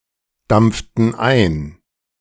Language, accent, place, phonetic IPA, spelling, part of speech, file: German, Germany, Berlin, [ˌdamp͡ftn̩ ˈaɪ̯n], dampften ein, verb, De-dampften ein.ogg
- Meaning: inflection of eindampfen: 1. first/third-person plural preterite 2. first/third-person plural subjunctive II